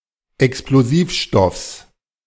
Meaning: genitive singular of Explosivstoff
- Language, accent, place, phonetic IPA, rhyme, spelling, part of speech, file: German, Germany, Berlin, [ɛksploˈziːfˌʃtɔfs], -iːfʃtɔfs, Explosivstoffs, noun, De-Explosivstoffs.ogg